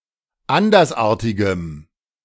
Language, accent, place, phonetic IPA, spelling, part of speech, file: German, Germany, Berlin, [ˈandɐsˌʔaːɐ̯tɪɡəm], andersartigem, adjective, De-andersartigem.ogg
- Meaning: strong dative masculine/neuter singular of andersartig